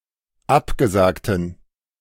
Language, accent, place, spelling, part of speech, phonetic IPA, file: German, Germany, Berlin, abgesagten, adjective, [ˈapɡəˌzaːktn̩], De-abgesagten.ogg
- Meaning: inflection of abgesagt: 1. strong genitive masculine/neuter singular 2. weak/mixed genitive/dative all-gender singular 3. strong/weak/mixed accusative masculine singular 4. strong dative plural